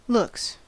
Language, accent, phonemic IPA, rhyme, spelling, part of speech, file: English, US, /lʊks/, -ʊks, looks, noun / verb, En-us-looks.ogg
- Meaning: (noun) 1. plural of look 2. One's appearance or attractiveness; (verb) third-person singular simple present indicative of look